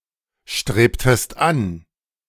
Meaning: inflection of anstreben: 1. second-person singular preterite 2. second-person singular subjunctive II
- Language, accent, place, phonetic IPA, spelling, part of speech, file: German, Germany, Berlin, [ˌʃtʁeːptəst ˈan], strebtest an, verb, De-strebtest an.ogg